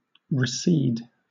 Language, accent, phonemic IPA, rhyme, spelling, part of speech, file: English, Southern England, /ɹɪˈsiːd/, -iːd, recede, verb, LL-Q1860 (eng)-recede.wav
- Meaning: 1. To move back; to retreat; to withdraw 2. To cede back; to grant or yield again to a former possessor 3. To take back